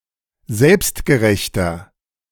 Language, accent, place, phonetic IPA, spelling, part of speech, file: German, Germany, Berlin, [ˈzɛlpstɡəˌʁɛçtɐ], selbstgerechter, adjective, De-selbstgerechter.ogg
- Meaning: 1. comparative degree of selbstgerecht 2. inflection of selbstgerecht: strong/mixed nominative masculine singular 3. inflection of selbstgerecht: strong genitive/dative feminine singular